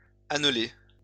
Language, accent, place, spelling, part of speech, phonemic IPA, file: French, France, Lyon, annelé, verb / adjective, /an.le/, LL-Q150 (fra)-annelé.wav
- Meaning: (verb) past participle of anneler; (adjective) ringed; circumscribed by a ring